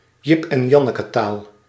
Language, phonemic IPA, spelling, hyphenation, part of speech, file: Dutch, /ˌjɪp ɛn ˈjɑnəkətaːl/, jip-en-janneketaal, jip-en-jan‧ne‧ke‧taal, noun, Nl-jip-en-janneketaal.ogg
- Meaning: words that are easy to understand, layman's terms